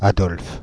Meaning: a male given name, equivalent to English Adolph
- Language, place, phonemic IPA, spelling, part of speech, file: French, Paris, /a.dɔlf/, Adolphe, proper noun, Fr-Adolphe.oga